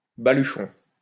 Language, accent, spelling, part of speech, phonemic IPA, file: French, France, baluchon, noun, /ba.ly.ʃɔ̃/, LL-Q150 (fra)-baluchon.wav
- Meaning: a bindle, a swag